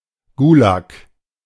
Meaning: gulag
- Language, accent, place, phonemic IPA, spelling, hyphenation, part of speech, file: German, Germany, Berlin, /ˈɡuːlak/, Gulag, Gu‧lag, noun, De-Gulag.ogg